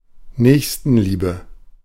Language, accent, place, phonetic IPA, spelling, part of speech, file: German, Germany, Berlin, [ˈnɛːçstn̩ˌliːbə], Nächstenliebe, noun, De-Nächstenliebe.ogg
- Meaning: 1. charity 2. altruism